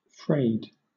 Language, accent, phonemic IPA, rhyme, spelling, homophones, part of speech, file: English, Southern England, /fɹeɪd/, -eɪd, frayed, 'fraid, adjective / verb, LL-Q1860 (eng)-frayed.wav
- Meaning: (adjective) 1. Unravelled; worn at the end or edge 2. Exhausted, strained, beleaguered, or suffering from stress; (verb) simple past and past participle of fray